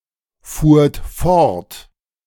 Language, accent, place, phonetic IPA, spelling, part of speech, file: German, Germany, Berlin, [ˌfuːɐ̯t ˈfɔʁt], fuhrt fort, verb, De-fuhrt fort.ogg
- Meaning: second-person plural preterite of fortfahren